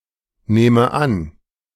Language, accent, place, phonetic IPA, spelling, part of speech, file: German, Germany, Berlin, [ˌnɛːmə ˈan], nähme an, verb, De-nähme an.ogg
- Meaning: first/third-person singular subjunctive II of annehmen